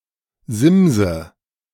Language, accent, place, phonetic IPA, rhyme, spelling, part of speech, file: German, Germany, Berlin, [ˈzɪmzə], -ɪmzə, simse, verb, De-simse.ogg
- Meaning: inflection of simsen: 1. first-person singular present 2. first/third-person singular subjunctive I 3. singular imperative